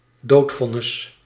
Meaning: death sentence
- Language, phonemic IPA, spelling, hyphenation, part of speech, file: Dutch, /ˈdoːtˌfɔ.nɪs/, doodvonnis, dood‧von‧nis, noun, Nl-doodvonnis.ogg